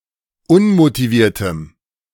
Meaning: strong dative masculine/neuter singular of unmotiviert
- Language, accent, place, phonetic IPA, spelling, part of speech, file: German, Germany, Berlin, [ˈʊnmotiˌviːɐ̯təm], unmotiviertem, adjective, De-unmotiviertem.ogg